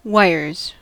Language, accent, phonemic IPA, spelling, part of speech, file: English, US, /ˈwaɪɚz/, wires, noun / verb, En-us-wires.ogg
- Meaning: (noun) plural of wire; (verb) third-person singular simple present indicative of wire